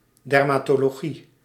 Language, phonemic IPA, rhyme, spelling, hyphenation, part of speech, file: Dutch, /ˌdɛr.maː.toː.loːˈɣi/, -i, dermatologie, der‧ma‧to‧lo‧gie, noun, Nl-dermatologie.ogg
- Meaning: dermatology